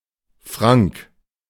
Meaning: 1. a male given name, popular especially in the 1960s and 70s 2. a surname
- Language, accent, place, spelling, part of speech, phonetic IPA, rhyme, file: German, Germany, Berlin, Frank, proper noun, [fʁaŋk], -aŋk, De-Frank.ogg